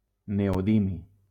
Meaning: neodymium
- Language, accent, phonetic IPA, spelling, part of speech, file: Catalan, Valencia, [ne.oˈði.mi], neodimi, noun, LL-Q7026 (cat)-neodimi.wav